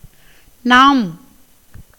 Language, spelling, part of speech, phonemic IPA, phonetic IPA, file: Tamil, நாம், pronoun, /nɑːm/, [näːm], Ta-நாம்.ogg
- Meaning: 1. we (including the person(s) being addressed) 2. you 3. plural and honorific of நான் (nāṉ, “I”) (used by superiors to inferiors)